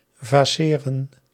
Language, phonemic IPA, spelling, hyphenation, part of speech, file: Dutch, /ˌvaːˈseː.rə(n)/, vaceren, va‧ce‧ren, verb, Nl-vaceren.ogg
- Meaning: to be vacant